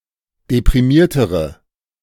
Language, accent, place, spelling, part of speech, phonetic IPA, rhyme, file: German, Germany, Berlin, deprimiertere, adjective, [depʁiˈmiːɐ̯təʁə], -iːɐ̯təʁə, De-deprimiertere.ogg
- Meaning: inflection of deprimiert: 1. strong/mixed nominative/accusative feminine singular comparative degree 2. strong nominative/accusative plural comparative degree